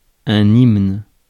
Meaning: 1. hymn 2. anthem (especially a national anthem)
- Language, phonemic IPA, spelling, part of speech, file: French, /imn/, hymne, noun, Fr-hymne.ogg